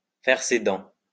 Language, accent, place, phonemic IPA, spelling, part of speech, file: French, France, Lyon, /fɛʁ se dɑ̃/, faire ses dents, verb, LL-Q150 (fra)-faire ses dents.wav
- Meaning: 1. to teethe 2. to cut one's teeth